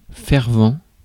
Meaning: fervent
- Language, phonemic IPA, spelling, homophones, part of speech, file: French, /fɛʁ.vɑ̃/, fervent, fervents, adjective, Fr-fervent.ogg